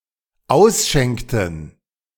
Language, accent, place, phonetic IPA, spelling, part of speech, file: German, Germany, Berlin, [ˈaʊ̯sˌʃɛŋktn̩], ausschenkten, verb, De-ausschenkten.ogg
- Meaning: inflection of ausschenken: 1. first/third-person plural dependent preterite 2. first/third-person plural dependent subjunctive II